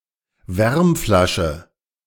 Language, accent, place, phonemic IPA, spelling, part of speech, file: German, Germany, Berlin, /ˈvɛrmˌflaʃə/, Wärmflasche, noun, De-Wärmflasche.ogg
- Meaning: hot water bottle (container, nowadays usually of rubber, filled with hot water to keep one warm, especially in bed)